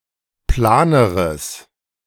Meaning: strong/mixed nominative/accusative neuter singular comparative degree of plan
- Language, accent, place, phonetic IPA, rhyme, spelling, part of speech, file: German, Germany, Berlin, [ˈplaːnəʁəs], -aːnəʁəs, planeres, adjective, De-planeres.ogg